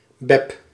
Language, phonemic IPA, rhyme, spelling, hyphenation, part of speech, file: Dutch, /bɛp/, -ɛp, Bep, Bep, proper noun, Nl-Bep.ogg
- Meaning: a diminutive of the female given name Elizabeth